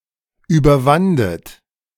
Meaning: second-person plural preterite of überwinden
- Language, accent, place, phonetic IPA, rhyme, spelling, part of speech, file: German, Germany, Berlin, [ˌyːbɐˈvandət], -andət, überwandet, verb, De-überwandet.ogg